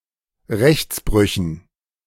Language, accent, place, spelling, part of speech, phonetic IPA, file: German, Germany, Berlin, Rechtsbrüchen, noun, [ˈʁɛçt͡sˌbʁʏçn̩], De-Rechtsbrüchen.ogg
- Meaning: dative plural of Rechtsbruch